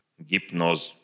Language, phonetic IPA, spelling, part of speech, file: Russian, [ɡʲɪpˈnos], гипноз, noun, Ru-гипноз.ogg
- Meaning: hypnosis